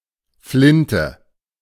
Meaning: shotgun
- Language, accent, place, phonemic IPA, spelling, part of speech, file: German, Germany, Berlin, /ˈflɪntə/, Flinte, noun, De-Flinte.ogg